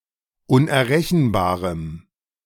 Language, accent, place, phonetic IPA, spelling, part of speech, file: German, Germany, Berlin, [ʊnʔɛɐ̯ˈʁɛçn̩baːʁəm], unerrechenbarem, adjective, De-unerrechenbarem.ogg
- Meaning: strong dative masculine/neuter singular of unerrechenbar